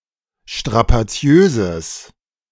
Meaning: strong/mixed nominative/accusative neuter singular of strapaziös
- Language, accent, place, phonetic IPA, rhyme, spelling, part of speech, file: German, Germany, Berlin, [ʃtʁapaˈt͡si̯øːzəs], -øːzəs, strapaziöses, adjective, De-strapaziöses.ogg